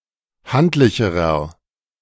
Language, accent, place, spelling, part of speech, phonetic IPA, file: German, Germany, Berlin, handlicherer, adjective, [ˈhantlɪçəʁɐ], De-handlicherer.ogg
- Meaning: inflection of handlich: 1. strong/mixed nominative masculine singular comparative degree 2. strong genitive/dative feminine singular comparative degree 3. strong genitive plural comparative degree